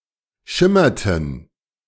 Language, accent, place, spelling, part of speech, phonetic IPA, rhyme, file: German, Germany, Berlin, schimmerten, verb, [ˈʃɪmɐtn̩], -ɪmɐtn̩, De-schimmerten.ogg
- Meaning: inflection of schimmern: 1. first/third-person plural preterite 2. first/third-person plural subjunctive II